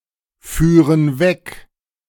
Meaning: first-person plural subjunctive II of wegfahren
- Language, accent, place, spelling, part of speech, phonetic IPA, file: German, Germany, Berlin, führen weg, verb, [ˌfyːʁən ˈvɛk], De-führen weg.ogg